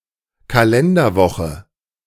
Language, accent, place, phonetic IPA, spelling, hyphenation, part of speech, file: German, Germany, Berlin, [kalɛndɐˌvɔχə], Kalenderwoche, Ka‧len‧der‧wo‧che, noun, De-Kalenderwoche.ogg
- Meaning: A date term mainly used in German business that specifies the week of a year by its number, each week beginning on a Monday